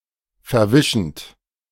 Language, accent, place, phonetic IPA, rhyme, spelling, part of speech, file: German, Germany, Berlin, [fɛɐ̯ˈvɪʃn̩t], -ɪʃn̩t, verwischend, verb, De-verwischend.ogg
- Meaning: present participle of verwischen